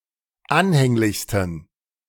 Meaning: 1. superlative degree of anhänglich 2. inflection of anhänglich: strong genitive masculine/neuter singular superlative degree
- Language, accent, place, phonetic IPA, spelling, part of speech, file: German, Germany, Berlin, [ˈanhɛŋlɪçstn̩], anhänglichsten, adjective, De-anhänglichsten.ogg